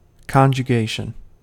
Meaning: 1. The coming together of things; a union 2. The temporary fusion of organisms, especially as part of sexual reproduction 3. Sexual relations within marriage
- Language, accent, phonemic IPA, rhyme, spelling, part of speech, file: English, US, /ˌkɑnd͡ʒəˈɡeɪʃən/, -eɪʃən, conjugation, noun, En-us-conjugation.ogg